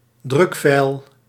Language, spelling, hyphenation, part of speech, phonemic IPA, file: Dutch, drukfeil, druk‧feil, noun, /ˈdrʏk.fɛi̯l/, Nl-drukfeil.ogg
- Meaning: printing error